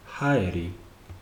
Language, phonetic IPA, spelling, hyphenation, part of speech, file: Georgian, [häe̞ɾi], ჰაერი, ჰა‧ე‧რი, noun, Ka-ჰაერი.ogg
- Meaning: air